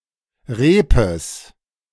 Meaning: genitive of Reep
- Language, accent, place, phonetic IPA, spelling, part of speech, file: German, Germany, Berlin, [ˈʁeːpəs], Reepes, noun, De-Reepes.ogg